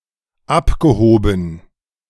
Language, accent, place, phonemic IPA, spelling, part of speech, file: German, Germany, Berlin, /ˈapɡəˌhoːbn̩/, abgehoben, verb / adjective, De-abgehoben.ogg
- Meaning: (verb) past participle of abheben; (adjective) out of touch, divorced from reality, rarefied (ignorant of the concerns of the average person, typically due to privilege and/or arrogance)